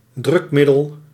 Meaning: a means of applying pressure
- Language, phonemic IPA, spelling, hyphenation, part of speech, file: Dutch, /ˈdrʏkˌmɪ.dəl/, drukmiddel, druk‧mid‧del, noun, Nl-drukmiddel.ogg